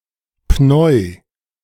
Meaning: clipping of Pneumothorax
- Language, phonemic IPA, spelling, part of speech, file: German, /pnɔɪ̯/, Pneu, noun, De-Pneu.ogg